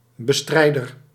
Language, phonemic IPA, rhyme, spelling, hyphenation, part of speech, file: Dutch, /bəˈstrɛi̯.dər/, -ɛi̯dər, bestrijder, be‧strij‧der, noun, Nl-bestrijder.ogg
- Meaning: opposer, one who fights something